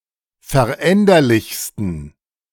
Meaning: 1. superlative degree of veränderlich 2. inflection of veränderlich: strong genitive masculine/neuter singular superlative degree
- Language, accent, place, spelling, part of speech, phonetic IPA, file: German, Germany, Berlin, veränderlichsten, adjective, [fɛɐ̯ˈʔɛndɐlɪçstn̩], De-veränderlichsten.ogg